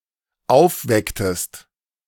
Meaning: inflection of aufwecken: 1. second-person singular dependent preterite 2. second-person singular dependent subjunctive II
- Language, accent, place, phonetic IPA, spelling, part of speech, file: German, Germany, Berlin, [ˈaʊ̯fˌvɛktəst], aufwecktest, verb, De-aufwecktest.ogg